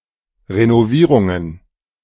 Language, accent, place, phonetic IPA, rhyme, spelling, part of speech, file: German, Germany, Berlin, [ʁenoˈviːʁʊŋən], -iːʁʊŋən, Renovierungen, noun, De-Renovierungen.ogg
- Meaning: plural of Renovierung